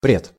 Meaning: in front of, before
- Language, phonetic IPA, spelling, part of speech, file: Russian, [prʲɪt], пред, preposition, Ru-пред.ogg